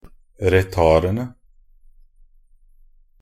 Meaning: definite plural of retard
- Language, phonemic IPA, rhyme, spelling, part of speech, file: Norwegian Bokmål, /rəˈtɑːrənə/, -ənə, retardene, noun, Nb-retardene.ogg